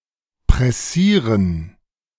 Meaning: 1. to be pressing and urgent 2. to rush, to be in a hurry
- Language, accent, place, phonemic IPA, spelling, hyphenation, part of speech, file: German, Germany, Berlin, /pʁɛˈsiːʁən/, pressieren, pres‧sie‧ren, verb, De-pressieren.ogg